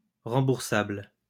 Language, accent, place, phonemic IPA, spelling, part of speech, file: French, France, Lyon, /ʁɑ̃.buʁ.sabl/, remboursable, adjective, LL-Q150 (fra)-remboursable.wav
- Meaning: reimbursable